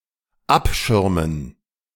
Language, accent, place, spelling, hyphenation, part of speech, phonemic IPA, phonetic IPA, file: German, Germany, Berlin, abschirmen, ab‧schir‧men, verb, /ˈapˌʃɪʁmən/, [ˈʔapˌʃɪɐ̯mn̩], De-abschirmen.ogg
- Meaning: to screen, to protect